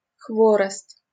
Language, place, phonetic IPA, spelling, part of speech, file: Russian, Saint Petersburg, [ˈxvorəst], хворост, noun, LL-Q7737 (rus)-хворост.wav
- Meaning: 1. brushwood (branches and twigs) 2. hvorost (straws, twiglets (pastry))